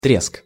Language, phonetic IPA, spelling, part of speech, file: Russian, [trʲesk], треск, noun, Ru-треск.ogg
- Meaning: crack, crash, snap (sharp sound made when solid material breaks)